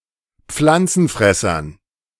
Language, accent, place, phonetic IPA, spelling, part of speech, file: German, Germany, Berlin, [ˈp͡flant͡sn̩ˌfʁɛsɐn], Pflanzenfressern, noun, De-Pflanzenfressern.ogg
- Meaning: dative plural of Pflanzenfresser